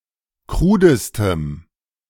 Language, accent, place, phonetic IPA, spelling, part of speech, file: German, Germany, Berlin, [ˈkʁuːdəstəm], krudestem, adjective, De-krudestem.ogg
- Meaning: strong dative masculine/neuter singular superlative degree of krud